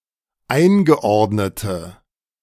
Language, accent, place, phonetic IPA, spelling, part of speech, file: German, Germany, Berlin, [ˈaɪ̯nɡəˌʔɔʁdnətə], eingeordnete, adjective, De-eingeordnete.ogg
- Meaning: inflection of eingeordnet: 1. strong/mixed nominative/accusative feminine singular 2. strong nominative/accusative plural 3. weak nominative all-gender singular